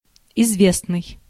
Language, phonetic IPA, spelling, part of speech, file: Russian, [ɪzˈvʲesnɨj], известный, adjective, Ru-известный.ogg
- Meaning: 1. known, familiar 2. well-known, renowned, famous 3. notorious 4. certain